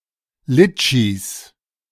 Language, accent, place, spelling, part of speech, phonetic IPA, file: German, Germany, Berlin, Litschis, noun, [ˈlɪt͡ʃis], De-Litschis.ogg
- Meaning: plural of Litschi